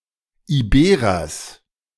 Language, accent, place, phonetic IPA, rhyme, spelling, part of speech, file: German, Germany, Berlin, [iˈbeːʁɐs], -eːʁɐs, Iberers, noun, De-Iberers.ogg
- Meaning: genitive singular of Iberer